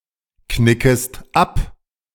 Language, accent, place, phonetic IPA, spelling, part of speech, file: German, Germany, Berlin, [ˌknɪkəst ˈap], knickest ab, verb, De-knickest ab.ogg
- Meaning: second-person singular subjunctive I of abknicken